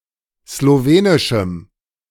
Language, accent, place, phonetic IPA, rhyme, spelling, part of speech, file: German, Germany, Berlin, [sloˈveːnɪʃm̩], -eːnɪʃm̩, slowenischem, adjective, De-slowenischem.ogg
- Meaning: strong dative masculine/neuter singular of slowenisch